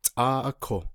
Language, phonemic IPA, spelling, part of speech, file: Navajo, /tʼɑ́ːʔɑ́kò/, tʼááʼáko, adverb, Nv-tʼááʼáko.ogg
- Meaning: 1. all right, fine, okay; that is okay (showing agreement) 2. it is satisfactory, fine, good, it’s agreeable